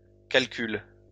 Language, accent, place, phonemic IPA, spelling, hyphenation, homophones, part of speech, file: French, France, Lyon, /kal.kyl/, calcules, cal‧cules, calcule / calculent, verb, LL-Q150 (fra)-calcules.wav
- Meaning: second-person singular present indicative/subjunctive of calculer